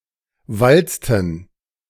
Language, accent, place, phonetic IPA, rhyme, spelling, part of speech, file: German, Germany, Berlin, [ˈvalt͡stn̩], -alt͡stn̩, walzten, verb, De-walzten.ogg
- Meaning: inflection of walzen: 1. first/third-person plural preterite 2. first/third-person plural subjunctive II